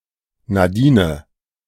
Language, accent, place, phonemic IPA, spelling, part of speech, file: German, Germany, Berlin, /naˈdiːn/, Nadine, proper noun, De-Nadine.ogg
- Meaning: a female given name from French